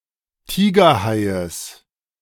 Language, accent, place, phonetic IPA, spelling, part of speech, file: German, Germany, Berlin, [ˈtiːɡɐˌhaɪ̯əs], Tigerhaies, noun, De-Tigerhaies.ogg
- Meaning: genitive of Tigerhai